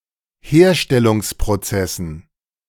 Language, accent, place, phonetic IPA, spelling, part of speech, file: German, Germany, Berlin, [ˈheːɐ̯ʃtɛlʊŋspʁoˌt͡sɛsn̩], Herstellungsprozessen, noun, De-Herstellungsprozessen.ogg
- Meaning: dative plural of Herstellungsprozess